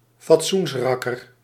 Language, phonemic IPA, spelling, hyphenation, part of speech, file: Dutch, /fɑtˈsunsˌrɑ.kər/, fatsoensrakker, fat‧soens‧rak‧ker, noun, Nl-fatsoensrakker.ogg
- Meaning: moral crusader, moral guardian